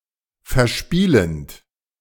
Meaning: present participle of verspielen
- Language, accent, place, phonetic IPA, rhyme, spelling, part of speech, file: German, Germany, Berlin, [fɛɐ̯ˈʃpiːlənt], -iːlənt, verspielend, verb, De-verspielend.ogg